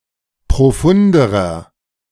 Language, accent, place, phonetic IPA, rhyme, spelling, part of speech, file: German, Germany, Berlin, [pʁoˈfʊndəʁɐ], -ʊndəʁɐ, profunderer, adjective, De-profunderer.ogg
- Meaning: inflection of profund: 1. strong/mixed nominative masculine singular comparative degree 2. strong genitive/dative feminine singular comparative degree 3. strong genitive plural comparative degree